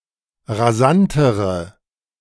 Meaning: inflection of rasant: 1. strong/mixed nominative/accusative feminine singular comparative degree 2. strong nominative/accusative plural comparative degree
- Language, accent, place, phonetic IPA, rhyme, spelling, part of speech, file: German, Germany, Berlin, [ʁaˈzantəʁə], -antəʁə, rasantere, adjective, De-rasantere.ogg